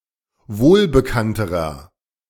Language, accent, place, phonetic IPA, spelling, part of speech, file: German, Germany, Berlin, [ˈvoːlbəˌkantəʁɐ], wohlbekannterer, adjective, De-wohlbekannterer.ogg
- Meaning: inflection of wohlbekannt: 1. strong/mixed nominative masculine singular comparative degree 2. strong genitive/dative feminine singular comparative degree 3. strong genitive plural comparative degree